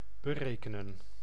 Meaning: to calculate, to compute
- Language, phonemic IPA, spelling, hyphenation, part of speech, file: Dutch, /bəˈreː.kə.nə(n)/, berekenen, be‧re‧ke‧nen, verb, Nl-berekenen.ogg